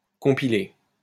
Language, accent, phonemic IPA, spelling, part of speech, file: French, France, /kɔ̃.pi.le/, compiler, verb, LL-Q150 (fra)-compiler.wav
- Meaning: 1. To compile, gather documents 2. to compile